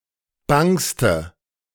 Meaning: inflection of bang: 1. strong/mixed nominative/accusative feminine singular superlative degree 2. strong nominative/accusative plural superlative degree
- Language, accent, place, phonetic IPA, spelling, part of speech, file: German, Germany, Berlin, [ˈbaŋstə], bangste, adjective, De-bangste.ogg